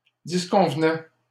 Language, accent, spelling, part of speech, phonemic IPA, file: French, Canada, disconvenaient, verb, /dis.kɔ̃v.nɛ/, LL-Q150 (fra)-disconvenaient.wav
- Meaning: third-person plural imperfect indicative of disconvenir